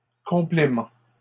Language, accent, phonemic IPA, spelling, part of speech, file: French, Canada, /kɔ̃.ple.mɑ̃/, complément, noun, LL-Q150 (fra)-complément.wav
- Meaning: 1. complement, thing added that makes a whole 2. complement